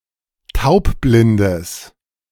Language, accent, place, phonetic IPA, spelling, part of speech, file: German, Germany, Berlin, [ˈtaʊ̯pˌblɪndəs], taubblindes, adjective, De-taubblindes.ogg
- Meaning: strong/mixed nominative/accusative neuter singular of taubblind